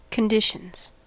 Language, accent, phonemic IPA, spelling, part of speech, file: English, US, /kənˈdɪʃənz/, conditions, noun / verb, En-us-conditions.ogg
- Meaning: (noun) plural of condition; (verb) third-person singular simple present indicative of condition